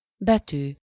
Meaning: letter (written character)
- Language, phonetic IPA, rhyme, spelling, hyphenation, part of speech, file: Hungarian, [ˈbɛtyː], -tyː, betű, be‧tű, noun, Hu-betű.ogg